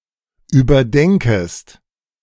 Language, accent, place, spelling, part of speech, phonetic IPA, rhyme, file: German, Germany, Berlin, überdenkest, verb, [yːbɐˈdɛŋkəst], -ɛŋkəst, De-überdenkest.ogg
- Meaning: second-person singular subjunctive I of überdenken